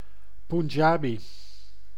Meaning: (adjective) Punjabi, of, pertaining to, descended from the people or culture of the Punjab, or written in the Punjabi language; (noun) Punjabi (person); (proper noun) Punjabi (language)
- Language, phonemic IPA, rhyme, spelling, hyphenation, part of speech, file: Dutch, /punˈdʒaː.bi/, -aːbi, Punjabi, Pun‧ja‧bi, adjective / noun / proper noun, Nl-Punjabi.ogg